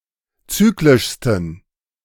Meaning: 1. superlative degree of zyklisch 2. inflection of zyklisch: strong genitive masculine/neuter singular superlative degree
- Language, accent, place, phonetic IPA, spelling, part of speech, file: German, Germany, Berlin, [ˈt͡syːklɪʃstn̩], zyklischsten, adjective, De-zyklischsten.ogg